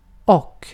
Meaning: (conjunction) 1. and; used to connect two homogeneous (similar) words or phrases 2. and; used to denote the last item of a list 3. and, plus
- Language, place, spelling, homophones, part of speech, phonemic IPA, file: Swedish, Gotland, och, ock, conjunction / interjection / particle, /ɔ/, Sv-och.ogg